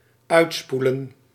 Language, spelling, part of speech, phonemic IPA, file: Dutch, uitspoelen, verb, /ˈœytspulə(n)/, Nl-uitspoelen.ogg
- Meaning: to rinse out